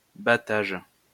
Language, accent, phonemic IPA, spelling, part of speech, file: French, France, /ba.taʒ/, battage, noun, LL-Q150 (fra)-battage.wav
- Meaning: hype, publicity